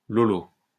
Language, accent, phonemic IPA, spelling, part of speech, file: French, France, /lo.lo/, lolo, noun, LL-Q150 (fra)-lolo.wav
- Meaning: 1. milk 2. boob, titty